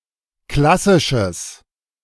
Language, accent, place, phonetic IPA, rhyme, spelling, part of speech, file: German, Germany, Berlin, [ˈklasɪʃəs], -asɪʃəs, klassisches, adjective, De-klassisches.ogg
- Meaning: strong/mixed nominative/accusative neuter singular of klassisch